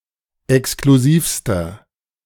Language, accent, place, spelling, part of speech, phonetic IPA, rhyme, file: German, Germany, Berlin, exklusivster, adjective, [ɛkskluˈziːfstɐ], -iːfstɐ, De-exklusivster.ogg
- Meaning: inflection of exklusiv: 1. strong/mixed nominative masculine singular superlative degree 2. strong genitive/dative feminine singular superlative degree 3. strong genitive plural superlative degree